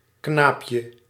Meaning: 1. diminutive of knaap 2. a coat hanger
- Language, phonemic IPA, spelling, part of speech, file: Dutch, /ˈknapjə/, knaapje, noun, Nl-knaapje.ogg